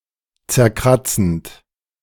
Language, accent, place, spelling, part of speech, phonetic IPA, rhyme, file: German, Germany, Berlin, zerkratzend, verb, [t͡sɛɐ̯ˈkʁat͡sn̩t], -at͡sn̩t, De-zerkratzend.ogg
- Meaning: present participle of zerkratzen